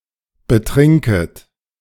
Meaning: second-person plural subjunctive I of betrinken
- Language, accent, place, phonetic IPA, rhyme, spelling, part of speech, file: German, Germany, Berlin, [bəˈtʁɪŋkət], -ɪŋkət, betrinket, verb, De-betrinket.ogg